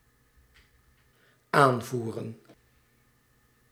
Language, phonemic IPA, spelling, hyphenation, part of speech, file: Dutch, /ˈaːnˌvu.rə(n)/, aanvoeren, aan‧voe‧ren, verb / noun, Nl-aanvoeren.ogg
- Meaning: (verb) 1. to supply 2. to command; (noun) plural of aanvoer